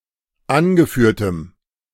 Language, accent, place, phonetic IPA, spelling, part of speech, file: German, Germany, Berlin, [ˈanɡəˌfyːɐ̯təm], angeführtem, adjective, De-angeführtem.ogg
- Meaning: strong dative masculine/neuter singular of angeführt